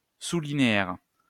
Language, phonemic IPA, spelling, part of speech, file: French, /li.ne.ɛʁ/, linéaire, adjective / noun, LL-Q150 (fra)-linéaire.wav
- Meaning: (adjective) linear; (noun) Linear